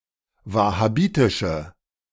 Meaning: inflection of wahhabitisch: 1. strong/mixed nominative/accusative feminine singular 2. strong nominative/accusative plural 3. weak nominative all-gender singular
- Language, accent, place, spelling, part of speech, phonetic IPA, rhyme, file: German, Germany, Berlin, wahhabitische, adjective, [ˌvahaˈbiːtɪʃə], -iːtɪʃə, De-wahhabitische.ogg